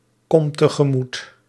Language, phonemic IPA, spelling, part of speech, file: Dutch, /ˈkɔm təɣəˈmut/, kom tegemoet, verb, Nl-kom tegemoet.ogg
- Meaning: inflection of tegemoetkomen: 1. first-person singular present indicative 2. second-person singular present indicative 3. imperative